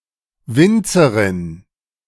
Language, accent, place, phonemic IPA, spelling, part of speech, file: German, Germany, Berlin, /ˈvɪntsɐʁɪn/, Winzerin, noun, De-Winzerin.ogg
- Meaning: female vintner, winemaker, person making wine as an occupation